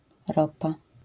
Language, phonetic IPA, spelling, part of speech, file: Polish, [ˈrɔpa], ropa, noun, LL-Q809 (pol)-ropa.wav